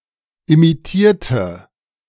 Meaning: inflection of imitieren: 1. first/third-person singular preterite 2. first/third-person singular subjunctive II
- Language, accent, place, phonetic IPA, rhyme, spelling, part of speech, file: German, Germany, Berlin, [imiˈtiːɐ̯tə], -iːɐ̯tə, imitierte, adjective / verb, De-imitierte.ogg